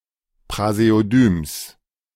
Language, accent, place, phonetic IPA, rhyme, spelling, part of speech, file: German, Germany, Berlin, [pʁazeoˈdyːms], -yːms, Praseodyms, noun, De-Praseodyms.ogg
- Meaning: genitive singular of Praseodym